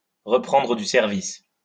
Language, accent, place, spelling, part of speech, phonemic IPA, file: French, France, Lyon, reprendre du service, verb, /ʁə.pʁɑ̃.dʁə dy sɛʁ.vis/, LL-Q150 (fra)-reprendre du service.wav
- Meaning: to go back to work after a long absence, to get back into action